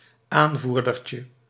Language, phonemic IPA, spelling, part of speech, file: Dutch, /ˈaɱvurdərcə/, aanvoerdertje, noun, Nl-aanvoerdertje.ogg
- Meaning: diminutive of aanvoerder